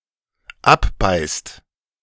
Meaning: inflection of abbeißen: 1. second/third-person singular dependent present 2. second-person plural dependent present
- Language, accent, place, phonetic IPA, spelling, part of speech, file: German, Germany, Berlin, [ˈapˌbaɪ̯st], abbeißt, verb, De-abbeißt.ogg